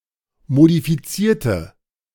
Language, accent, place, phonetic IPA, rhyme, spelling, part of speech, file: German, Germany, Berlin, [modifiˈt͡siːɐ̯tə], -iːɐ̯tə, modifizierte, adjective / verb, De-modifizierte.ogg
- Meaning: inflection of modifizieren: 1. first/third-person singular preterite 2. first/third-person singular subjunctive II